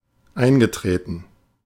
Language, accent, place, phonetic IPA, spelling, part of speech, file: German, Germany, Berlin, [ˈaɪ̯nɡəˌtʁeːtn̩], eingetreten, verb, De-eingetreten.ogg
- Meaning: past participle of eintreten